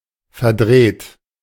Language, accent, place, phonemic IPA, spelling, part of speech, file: German, Germany, Berlin, /fɛɐ̯ˈdʁeːt/, verdreht, verb / adjective, De-verdreht.ogg
- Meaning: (verb) past participle of verdrehen; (adjective) 1. twisted 2. warped, perverse 3. distorted, contorted